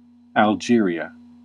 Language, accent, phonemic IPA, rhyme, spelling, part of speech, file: English, US, /ælˈdʒɪɹi.ə/, -ɪɹiə, Algeria, proper noun, En-us-Algeria.ogg